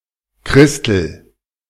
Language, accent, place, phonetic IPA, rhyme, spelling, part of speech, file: German, Germany, Berlin, [ˈkʁɪstl̩], -ɪstl̩, Christel, proper noun, De-Christel.ogg
- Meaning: 1. a diminutive of the female given names Christine and Christiane 2. a diminutive of the male given name Christian